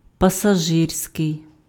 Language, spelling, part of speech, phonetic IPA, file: Ukrainian, пасажирський, adjective, [pɐsɐˈʒɪrsʲkei̯], Uk-пасажирський.ogg
- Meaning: passenger (attributive)